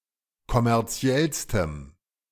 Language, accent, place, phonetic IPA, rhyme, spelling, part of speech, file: German, Germany, Berlin, [kɔmɛʁˈt͡si̯ɛlstəm], -ɛlstəm, kommerziellstem, adjective, De-kommerziellstem.ogg
- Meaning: strong dative masculine/neuter singular superlative degree of kommerziell